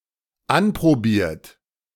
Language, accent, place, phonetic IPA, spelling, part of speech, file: German, Germany, Berlin, [ˈanpʁoˌbiːɐ̯t], anprobiert, verb, De-anprobiert.ogg
- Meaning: 1. past participle of anprobieren 2. inflection of anprobieren: third-person singular dependent present 3. inflection of anprobieren: second-person plural dependent present